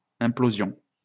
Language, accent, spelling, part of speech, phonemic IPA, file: French, France, implosion, noun, /ɛ̃.plo.zjɔ̃/, LL-Q150 (fra)-implosion.wav
- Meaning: implosion